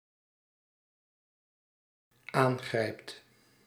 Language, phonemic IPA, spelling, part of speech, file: Dutch, /ˈaŋɣrɛipt/, aangrijpt, verb, Nl-aangrijpt.ogg
- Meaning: second/third-person singular dependent-clause present indicative of aangrijpen